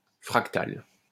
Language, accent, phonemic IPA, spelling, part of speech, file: French, France, /fʁak.tal/, fractale, adjective / noun, LL-Q150 (fra)-fractale.wav
- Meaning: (adjective) feminine singular of fractal; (noun) fractal (self-similar shape)